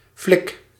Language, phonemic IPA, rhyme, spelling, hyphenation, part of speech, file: Dutch, /flɪk/, -ɪk, flik, flik, noun / verb, Nl-flik.ogg
- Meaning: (noun) 1. synonym of politieagent (“police officer”) 2. paw, mitt (crude term for a human hand) 3. homosexual; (verb) inflection of flikken: first-person singular present indicative